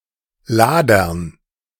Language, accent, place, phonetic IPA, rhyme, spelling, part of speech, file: German, Germany, Berlin, [ˈlaːdɐn], -aːdɐn, Ladern, noun, De-Ladern.ogg
- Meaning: dative plural of Lader